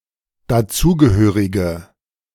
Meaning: inflection of dazugehörig: 1. strong/mixed nominative/accusative feminine singular 2. strong nominative/accusative plural 3. weak nominative all-gender singular
- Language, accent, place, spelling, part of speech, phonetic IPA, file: German, Germany, Berlin, dazugehörige, adjective, [daˈt͡suːɡəˌhøːʁɪɡə], De-dazugehörige.ogg